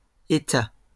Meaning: 1. state, nation 2. government
- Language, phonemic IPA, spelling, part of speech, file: French, /e.ta/, État, noun, LL-Q150 (fra)-État.wav